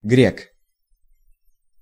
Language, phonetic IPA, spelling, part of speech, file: Russian, [ɡrʲek], грек, noun, Ru-грек.ogg
- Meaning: Greek (by ethnicity)